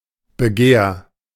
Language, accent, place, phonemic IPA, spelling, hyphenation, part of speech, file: German, Germany, Berlin, /bəˈɡeːɐ̯/, Begehr, Be‧gehr, noun, De-Begehr.ogg
- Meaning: desire, wish